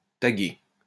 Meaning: 1. to tag 2. to tag (label)
- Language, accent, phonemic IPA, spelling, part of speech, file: French, France, /ta.ɡe/, tagger, verb, LL-Q150 (fra)-tagger.wav